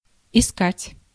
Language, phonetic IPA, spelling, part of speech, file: Russian, [ɪˈskatʲ], искать, verb, Ru-искать.ogg
- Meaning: to look for, to seek